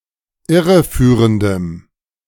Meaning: strong dative masculine/neuter singular of irreführend
- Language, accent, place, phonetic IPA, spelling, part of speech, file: German, Germany, Berlin, [ˈɪʁəˌfyːʁəndəm], irreführendem, adjective, De-irreführendem.ogg